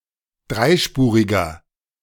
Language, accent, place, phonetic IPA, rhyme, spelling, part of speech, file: German, Germany, Berlin, [ˈdʁaɪ̯ˌʃpuːʁɪɡɐ], -aɪ̯ʃpuːʁɪɡɐ, dreispuriger, adjective, De-dreispuriger.ogg
- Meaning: inflection of dreispurig: 1. strong/mixed nominative masculine singular 2. strong genitive/dative feminine singular 3. strong genitive plural